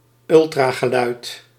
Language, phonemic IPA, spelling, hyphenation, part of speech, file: Dutch, /ˈʏl.traː.ɣəˌlœy̯t/, ultrageluid, ul‧tra‧ge‧luid, noun, Nl-ultrageluid.ogg
- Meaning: ultrasound